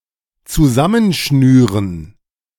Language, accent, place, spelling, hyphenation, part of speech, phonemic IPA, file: German, Germany, Berlin, zusammenschnüren, zu‧sam‧men‧schnü‧ren, verb, /t͡suˈzamənˌʃnyːʁən/, De-zusammenschnüren.ogg
- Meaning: to tie together (e.g. with string)